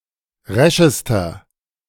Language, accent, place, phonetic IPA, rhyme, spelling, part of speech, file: German, Germany, Berlin, [ˈʁɛʃəstɐ], -ɛʃəstɐ, reschester, adjective, De-reschester.ogg
- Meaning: inflection of resch: 1. strong/mixed nominative masculine singular superlative degree 2. strong genitive/dative feminine singular superlative degree 3. strong genitive plural superlative degree